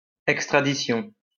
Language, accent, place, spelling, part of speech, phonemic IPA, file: French, France, Lyon, extradition, noun, /ɛk.stʁa.di.sjɔ̃/, LL-Q150 (fra)-extradition.wav